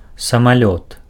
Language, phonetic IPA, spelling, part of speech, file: Belarusian, [samaˈlʲot], самалёт, noun, Be-самалёт.ogg
- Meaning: airplane, aircraft